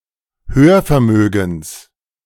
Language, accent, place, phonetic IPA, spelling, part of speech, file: German, Germany, Berlin, [ˈhøːɐ̯fɛɐ̯ˌmøːɡŋ̍s], Hörvermögens, noun, De-Hörvermögens.ogg
- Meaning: genitive singular of Hörvermögen